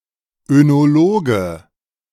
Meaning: enologist / oenologist (male or of unspecified gender)
- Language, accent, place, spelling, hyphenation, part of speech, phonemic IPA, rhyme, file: German, Germany, Berlin, Önologe, Öno‧lo‧ge, noun, /ønoˈloːɡə/, -oːɡə, De-Önologe.ogg